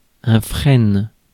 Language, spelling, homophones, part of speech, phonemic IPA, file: French, frêne, freine, noun, /fʁɛn/, Fr-frêne.ogg
- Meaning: ash tree